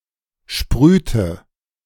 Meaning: inflection of sprühen: 1. first/third-person singular preterite 2. first/third-person singular subjunctive II
- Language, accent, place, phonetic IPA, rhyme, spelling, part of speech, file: German, Germany, Berlin, [ˈʃpʁyːtə], -yːtə, sprühte, verb, De-sprühte.ogg